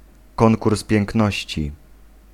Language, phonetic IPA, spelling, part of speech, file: Polish, [ˈkɔ̃ŋkurs pʲjɛ̃ŋkˈnɔɕt͡ɕi], konkurs piękności, noun, Pl-konkurs piękności.ogg